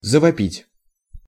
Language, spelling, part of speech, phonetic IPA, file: Russian, завопить, verb, [zəvɐˈpʲitʲ], Ru-завопить.ogg
- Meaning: to yell, to scream